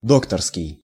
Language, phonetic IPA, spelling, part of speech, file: Russian, [ˈdoktərskʲɪj], докторский, adjective, Ru-докторский.ogg
- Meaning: 1. doctor's 2. doctoral